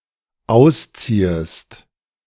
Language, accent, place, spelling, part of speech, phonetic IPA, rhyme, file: German, Germany, Berlin, ausziehest, verb, [ˈaʊ̯sˌt͡siːəst], -aʊ̯st͡siːəst, De-ausziehest.ogg
- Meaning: second-person singular dependent subjunctive I of ausziehen